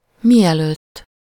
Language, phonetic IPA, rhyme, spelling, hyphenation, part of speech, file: Hungarian, [ˈmijɛløːtː], -øːtː, mielőtt, mi‧előtt, adverb, Hu-mielőtt.ogg
- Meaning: before